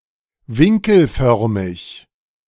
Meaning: angular
- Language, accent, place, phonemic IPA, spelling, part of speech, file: German, Germany, Berlin, /ˈvɪŋkl̩ˌfœʁmɪç/, winkelförmig, adjective, De-winkelförmig.ogg